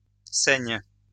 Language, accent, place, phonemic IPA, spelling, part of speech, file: French, France, Lyon, /sɛɲ/, saigne, verb, LL-Q150 (fra)-saigne.wav
- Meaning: inflection of saigner: 1. first/third-person singular present indicative/subjunctive 2. second-person singular imperative